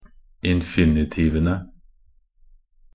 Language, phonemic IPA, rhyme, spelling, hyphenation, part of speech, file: Norwegian Bokmål, /ɪnfɪnɪˈtiːʋənə/, -ənə, infinitivene, in‧fi‧ni‧ti‧ve‧ne, noun, Nb-infinitivene.ogg
- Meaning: definite plural of infinitiv